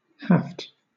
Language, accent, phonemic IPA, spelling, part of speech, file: English, Southern England, /hɑːft/, haft, noun / verb, LL-Q1860 (eng)-haft.wav
- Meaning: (noun) The handle of a tool or weapon; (verb) 1. To fit a handle to (a tool or weapon) 2. To grip by the handle